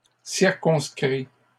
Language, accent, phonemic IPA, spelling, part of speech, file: French, Canada, /siʁ.kɔ̃s.kʁi/, circonscrit, verb, LL-Q150 (fra)-circonscrit.wav
- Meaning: 1. past participle of circonscrire 2. third-person singular present indicative of circonscrire